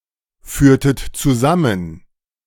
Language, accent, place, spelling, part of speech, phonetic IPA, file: German, Germany, Berlin, führtet zusammen, verb, [ˌfyːɐ̯tət t͡suˈzamən], De-führtet zusammen.ogg
- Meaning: inflection of zusammenführen: 1. second-person plural preterite 2. second-person plural subjunctive II